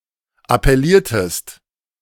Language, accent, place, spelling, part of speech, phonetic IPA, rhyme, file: German, Germany, Berlin, appelliertest, verb, [apɛˈliːɐ̯təst], -iːɐ̯təst, De-appelliertest.ogg
- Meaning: inflection of appellieren: 1. second-person singular preterite 2. second-person singular subjunctive II